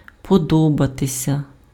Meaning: to like (the person who likes takes the dative case; the person or thing liked takes the nominative case)
- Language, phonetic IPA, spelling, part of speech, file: Ukrainian, [pɔˈdɔbɐtesʲɐ], подобатися, verb, Uk-подобатися.ogg